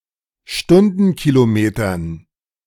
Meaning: dative plural of Stundenkilometer
- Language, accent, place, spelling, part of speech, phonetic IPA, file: German, Germany, Berlin, Stundenkilometern, noun, [ˈʃtʊndn̩kiloˌmeːtɐn], De-Stundenkilometern.ogg